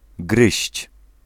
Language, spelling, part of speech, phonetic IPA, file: Polish, gryźć, verb, [ɡrɨɕt͡ɕ], Pl-gryźć.ogg